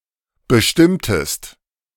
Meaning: inflection of bestimmen: 1. second-person singular preterite 2. second-person singular subjunctive II
- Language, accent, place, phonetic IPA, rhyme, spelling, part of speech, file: German, Germany, Berlin, [bəˈʃtɪmtəst], -ɪmtəst, bestimmtest, verb, De-bestimmtest.ogg